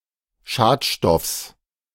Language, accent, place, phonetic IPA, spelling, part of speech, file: German, Germany, Berlin, [ˈʃaːtˌʃtɔfs], Schadstoffs, noun, De-Schadstoffs.ogg
- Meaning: genitive singular of Schadstoff